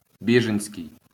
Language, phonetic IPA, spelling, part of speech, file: Ukrainian, [ˈbʲiʒenʲsʲkei̯], біженський, adjective, LL-Q8798 (ukr)-біженський.wav
- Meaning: refugee (attributive)